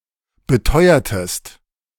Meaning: inflection of beteuern: 1. second-person singular preterite 2. second-person singular subjunctive II
- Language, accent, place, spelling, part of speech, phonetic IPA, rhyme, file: German, Germany, Berlin, beteuertest, verb, [bəˈtɔɪ̯ɐtəst], -ɔɪ̯ɐtəst, De-beteuertest.ogg